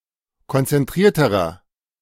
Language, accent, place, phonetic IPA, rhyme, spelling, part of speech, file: German, Germany, Berlin, [kɔnt͡sɛnˈtʁiːɐ̯təʁɐ], -iːɐ̯təʁɐ, konzentrierterer, adjective, De-konzentrierterer.ogg
- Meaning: inflection of konzentriert: 1. strong/mixed nominative masculine singular comparative degree 2. strong genitive/dative feminine singular comparative degree 3. strong genitive plural comparative degree